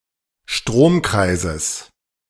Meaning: genitive singular of Stromkreis
- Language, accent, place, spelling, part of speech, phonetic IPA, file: German, Germany, Berlin, Stromkreises, noun, [ˈʃtʁoːmˌkʁaɪ̯zəs], De-Stromkreises.ogg